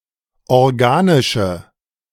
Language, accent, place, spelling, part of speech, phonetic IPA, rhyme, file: German, Germany, Berlin, organische, adjective, [ɔʁˈɡaːnɪʃə], -aːnɪʃə, De-organische.ogg
- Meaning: inflection of organisch: 1. strong/mixed nominative/accusative feminine singular 2. strong nominative/accusative plural 3. weak nominative all-gender singular